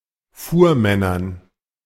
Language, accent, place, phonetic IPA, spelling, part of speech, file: German, Germany, Berlin, [ˈfuːɐ̯ˌmɛnɐn], Fuhrmännern, noun, De-Fuhrmännern.ogg
- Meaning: dative plural of Fuhrmann